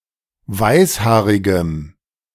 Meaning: strong dative masculine/neuter singular of weißhaarig
- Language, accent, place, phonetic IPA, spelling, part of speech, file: German, Germany, Berlin, [ˈvaɪ̯sˌhaːʁɪɡəm], weißhaarigem, adjective, De-weißhaarigem.ogg